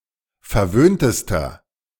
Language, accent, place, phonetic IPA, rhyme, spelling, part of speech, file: German, Germany, Berlin, [fɛɐ̯ˈvøːntəstɐ], -øːntəstɐ, verwöhntester, adjective, De-verwöhntester.ogg
- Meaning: inflection of verwöhnt: 1. strong/mixed nominative masculine singular superlative degree 2. strong genitive/dative feminine singular superlative degree 3. strong genitive plural superlative degree